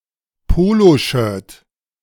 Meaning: polo shirt
- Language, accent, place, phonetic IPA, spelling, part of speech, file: German, Germany, Berlin, [ˈpoːloˌʃœːɐ̯t], Poloshirt, noun, De-Poloshirt.ogg